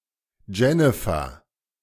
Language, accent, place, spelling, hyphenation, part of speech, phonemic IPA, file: German, Germany, Berlin, Jennifer, Jen‧ni‧fer, proper noun, /ˈd͡ʒɛnɪfɐ/, De-Jennifer.ogg
- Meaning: a female given name